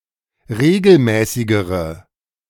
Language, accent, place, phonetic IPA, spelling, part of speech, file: German, Germany, Berlin, [ˈʁeːɡl̩ˌmɛːsɪɡəʁə], regelmäßigere, adjective, De-regelmäßigere.ogg
- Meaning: inflection of regelmäßig: 1. strong/mixed nominative/accusative feminine singular comparative degree 2. strong nominative/accusative plural comparative degree